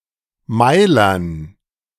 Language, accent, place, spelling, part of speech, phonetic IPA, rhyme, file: German, Germany, Berlin, Meilern, noun, [ˈmaɪ̯lɐn], -aɪ̯lɐn, De-Meilern.ogg
- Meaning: dative plural of Meiler